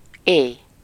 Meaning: night
- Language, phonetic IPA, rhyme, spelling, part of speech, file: Hungarian, [ˈeːj], -eːj, éj, noun, Hu-éj.ogg